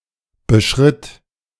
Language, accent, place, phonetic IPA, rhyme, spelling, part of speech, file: German, Germany, Berlin, [bəˈʃʁɪt], -ɪt, beschritt, verb, De-beschritt.ogg
- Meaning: first/third-person singular preterite of beschreiten